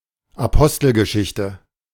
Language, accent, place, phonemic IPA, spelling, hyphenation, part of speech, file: German, Germany, Berlin, /aˈpɔstl̩ɡəˌʃɪçtə/, Apostelgeschichte, Apos‧tel‧ge‧schich‧te, proper noun, De-Apostelgeschichte.ogg
- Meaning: Acts of the Apostles (fifth book of the New Testament)